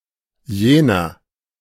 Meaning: that, that one
- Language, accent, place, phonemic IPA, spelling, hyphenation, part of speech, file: German, Germany, Berlin, /ˈjeːnɐ/, jener, je‧ner, pronoun, De-jener.ogg